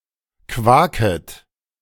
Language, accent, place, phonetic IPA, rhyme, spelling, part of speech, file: German, Germany, Berlin, [ˈkvaːkət], -aːkət, quaket, verb, De-quaket.ogg
- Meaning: second-person plural subjunctive I of quaken